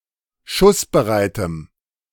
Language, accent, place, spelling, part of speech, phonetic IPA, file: German, Germany, Berlin, schussbereitem, adjective, [ˈʃʊsbəˌʁaɪ̯təm], De-schussbereitem.ogg
- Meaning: strong dative masculine/neuter singular of schussbereit